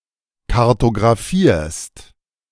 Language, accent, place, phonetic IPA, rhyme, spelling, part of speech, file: German, Germany, Berlin, [kaʁtoɡʁaˈfiːɐ̯st], -iːɐ̯st, kartografierst, verb, De-kartografierst.ogg
- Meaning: second-person singular present of kartografieren